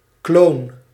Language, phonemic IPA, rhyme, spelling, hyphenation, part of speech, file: Dutch, /kloːn/, -oːn, kloon, kloon, noun / verb, Nl-kloon.ogg
- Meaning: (noun) 1. clone (organism produced through cloning) 2. clone, duplicate (imitation bearing close resemblance to the original) 3. clog, klomp, wooden shoe